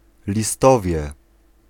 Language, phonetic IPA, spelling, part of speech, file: Polish, [lʲiˈstɔvʲjɛ], listowie, noun, Pl-listowie.ogg